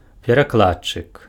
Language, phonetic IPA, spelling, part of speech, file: Belarusian, [pʲerakˈɫatː͡ʂɨk], перакладчык, noun, Be-перакладчык.ogg
- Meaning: 1. interpreter 2. translator